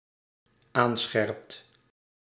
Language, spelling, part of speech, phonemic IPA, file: Dutch, aanscherpt, verb, /ˈansxɛrᵊpt/, Nl-aanscherpt.ogg
- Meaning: second/third-person singular dependent-clause present indicative of aanscherpen